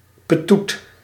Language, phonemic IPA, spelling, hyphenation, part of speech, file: Dutch, /pəˈtut/, petoet, pe‧toet, noun, Nl-petoet.ogg
- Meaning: prison, slammer